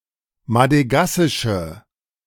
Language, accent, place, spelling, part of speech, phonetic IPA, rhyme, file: German, Germany, Berlin, madegassische, adjective, [madəˈɡasɪʃə], -asɪʃə, De-madegassische.ogg
- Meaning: inflection of madegassisch: 1. strong/mixed nominative/accusative feminine singular 2. strong nominative/accusative plural 3. weak nominative all-gender singular